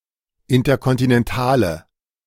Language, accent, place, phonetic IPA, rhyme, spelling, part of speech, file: German, Germany, Berlin, [ˌɪntɐkɔntinɛnˈtaːlə], -aːlə, interkontinentale, adjective, De-interkontinentale.ogg
- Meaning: inflection of interkontinental: 1. strong/mixed nominative/accusative feminine singular 2. strong nominative/accusative plural 3. weak nominative all-gender singular